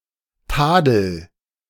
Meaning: inflection of tadeln: 1. first-person singular present 2. singular imperative
- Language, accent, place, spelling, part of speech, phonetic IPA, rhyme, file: German, Germany, Berlin, tadel, verb, [ˈtaːdl̩], -aːdl̩, De-tadel.ogg